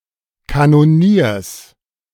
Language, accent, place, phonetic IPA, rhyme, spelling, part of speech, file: German, Germany, Berlin, [kanoˈniːɐ̯s], -iːɐ̯s, Kanoniers, noun, De-Kanoniers.ogg
- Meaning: genitive singular of Kanonier